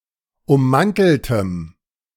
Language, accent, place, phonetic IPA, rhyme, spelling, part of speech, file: German, Germany, Berlin, [ʊmˈmantl̩təm], -antl̩təm, ummanteltem, adjective, De-ummanteltem.ogg
- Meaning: strong dative masculine/neuter singular of ummantelt